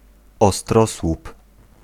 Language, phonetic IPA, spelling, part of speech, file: Polish, [ɔˈstrɔswup], ostrosłup, noun, Pl-ostrosłup.ogg